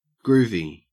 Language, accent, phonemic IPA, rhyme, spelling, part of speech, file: English, Australia, /ˈɡɹuvi/, -uːvi, groovy, adjective / noun, En-au-groovy.ogg
- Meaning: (adjective) 1. Of, pertaining to, or having grooves 2. Set in one's ways 3. Cool, neat, interesting 4. Reminiscent of the counterculture of the 1960s; hippie, psychedelic